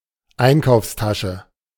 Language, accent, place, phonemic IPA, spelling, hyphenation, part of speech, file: German, Germany, Berlin, /ˈaɪ̯nkaʊ̯fsˌtaʃə/, Einkaufstasche, Ein‧kaufs‧ta‧sche, noun, De-Einkaufstasche.ogg
- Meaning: shopping bag